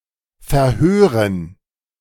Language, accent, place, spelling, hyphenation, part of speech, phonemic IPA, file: German, Germany, Berlin, verhören, ver‧hö‧ren, verb, /fɛʁˈhøːʁən/, De-verhören.ogg
- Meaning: 1. to interrogate 2. to mishear